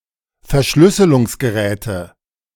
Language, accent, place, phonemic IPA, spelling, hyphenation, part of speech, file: German, Germany, Berlin, /fɛɐ̯ˈʃlʏsəlʊŋsɡəˌʁɛːtə/, Verschlüsselungsgeräte, Ver‧schlüs‧se‧lungs‧ge‧rä‧te, noun, De-Verschlüsselungsgeräte.ogg
- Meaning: nominative/accusative/genitive plural of Verschlüsselungsgerät